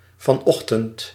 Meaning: this morning, the morning at the beginning of the current day (in the past)
- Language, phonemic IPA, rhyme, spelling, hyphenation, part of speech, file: Dutch, /vɑˈnɔx.tənt/, -ɔxtənt, vanochtend, van‧och‧tend, adverb, Nl-vanochtend.ogg